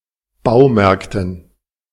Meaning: dative plural of Baumarkt
- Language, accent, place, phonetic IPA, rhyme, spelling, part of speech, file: German, Germany, Berlin, [ˈbaʊ̯ˌmɛʁktn̩], -aʊ̯mɛʁktn̩, Baumärkten, noun, De-Baumärkten.ogg